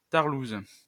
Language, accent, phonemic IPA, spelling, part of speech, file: French, France, /taʁ.luz/, tarlouze, noun, LL-Q150 (fra)-tarlouze.wav
- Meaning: 1. Weak or cowardly person; poof 2. Homosexual or highly effeminate man; poof